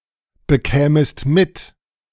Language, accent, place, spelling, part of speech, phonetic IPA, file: German, Germany, Berlin, bekämest mit, verb, [bəˌkɛːməst ˈmɪt], De-bekämest mit.ogg
- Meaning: second-person singular subjunctive I of mitbekommen